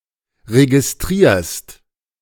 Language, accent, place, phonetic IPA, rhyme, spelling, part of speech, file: German, Germany, Berlin, [ʁeɡɪsˈtʁiːɐ̯st], -iːɐ̯st, registrierst, verb, De-registrierst.ogg
- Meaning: second-person singular present of registrieren